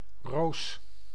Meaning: 1. rose, ornamental plant of the genus Rosa 2. rose, used as a heraldic charge 3. bullseye, the center of a target, as used at shooting practice 4. dandruff 5. rash, a (reddish) affliction of the skin
- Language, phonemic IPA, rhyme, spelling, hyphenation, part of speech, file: Dutch, /roːs/, -oːs, roos, roos, noun, Nl-roos.ogg